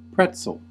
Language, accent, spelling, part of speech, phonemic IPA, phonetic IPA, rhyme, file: English, US, pretzel, noun / verb, /ˈpɹɛt.səl/, [ˈpʰɹɛʔt͡sɫ̩], -ɛtsəl, En-us-pretzel.ogg
- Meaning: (noun) 1. A toasted bread or cracker usually in the shape of a loose knot 2. Anything that is knotted, twisted, or tangled; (verb) To bend, twist, or contort